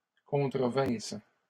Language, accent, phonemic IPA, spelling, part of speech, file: French, Canada, /kɔ̃.tʁə.vɛ̃s/, contrevinsse, verb, LL-Q150 (fra)-contrevinsse.wav
- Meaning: first-person singular imperfect subjunctive of contrevenir